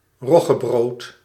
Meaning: rye bread; a loaf of rye bread
- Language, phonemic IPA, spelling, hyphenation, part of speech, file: Dutch, /ˈrɔ.ɣəˌbroːt/, roggebrood, rog‧ge‧brood, noun, Nl-roggebrood.ogg